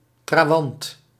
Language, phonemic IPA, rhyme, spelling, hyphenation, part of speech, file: Dutch, /traːˈʋɑnt/, -ɑnt, trawant, tra‧want, noun, Nl-trawant.ogg
- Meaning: 1. satellite 2. henchman